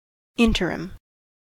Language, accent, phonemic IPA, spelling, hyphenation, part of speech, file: English, US, /ˈɪntəɹɪm/, interim, in‧ter‧im, adjective / noun, En-us-interim.ogg
- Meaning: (adjective) 1. transitional 2. temporary; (noun) A transitional or temporary period between other events